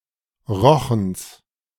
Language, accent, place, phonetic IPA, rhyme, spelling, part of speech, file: German, Germany, Berlin, [ˈʁɔxn̩s], -ɔxn̩s, Rochens, noun, De-Rochens.ogg
- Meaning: genitive singular of Rochen